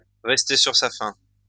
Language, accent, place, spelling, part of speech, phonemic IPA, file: French, France, Lyon, rester sur sa faim, verb, /ʁɛs.te syʁ sa fɛ̃/, LL-Q150 (fra)-rester sur sa faim.wav
- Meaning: 1. to not have had enough to eat, to be unsatiated 2. to be left hungry for more, to be left wanting more, to be left unsatisfied; to be somewhat underwhelmed, to be a bit disappointed